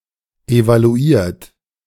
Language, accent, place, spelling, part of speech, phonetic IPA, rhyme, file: German, Germany, Berlin, evaluiert, verb, [evaluˈiːɐ̯t], -iːɐ̯t, De-evaluiert.ogg
- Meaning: 1. past participle of evaluieren 2. inflection of evaluieren: third-person singular present 3. inflection of evaluieren: second-person plural present 4. inflection of evaluieren: plural imperative